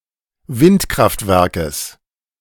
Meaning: genitive singular of Windkraftwerk
- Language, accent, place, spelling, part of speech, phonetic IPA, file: German, Germany, Berlin, Windkraftwerkes, noun, [ˈvɪntˌkʁaftvɛʁkəs], De-Windkraftwerkes.ogg